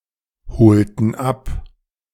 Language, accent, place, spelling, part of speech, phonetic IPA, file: German, Germany, Berlin, holten ab, verb, [ˌhoːltn̩ ˈap], De-holten ab.ogg
- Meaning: inflection of abholen: 1. first/third-person plural preterite 2. first/third-person plural subjunctive II